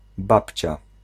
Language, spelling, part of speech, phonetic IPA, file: Polish, babcia, noun, [ˈbapʲt͡ɕa], Pl-babcia.ogg